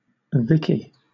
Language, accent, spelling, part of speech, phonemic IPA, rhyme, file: English, Southern England, Vicky, proper noun / noun, /ˈvɪki/, -ɪki, LL-Q1860 (eng)-Vicky.wav
- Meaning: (proper noun) A diminutive of the female given name Victoria, also used as a formal given name; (noun) vagina